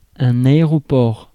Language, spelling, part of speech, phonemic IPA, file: French, aéroport, noun, /a.e.ʁɔ.pɔʁ/, Fr-aéroport.ogg
- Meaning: airport (place, company managing such a place)